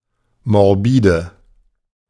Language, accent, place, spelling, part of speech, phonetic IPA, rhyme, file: German, Germany, Berlin, morbide, adjective, [mɔʁˈbiːdə], -iːdə, De-morbide.ogg
- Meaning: inflection of morbid: 1. strong/mixed nominative/accusative feminine singular 2. strong nominative/accusative plural 3. weak nominative all-gender singular 4. weak accusative feminine/neuter singular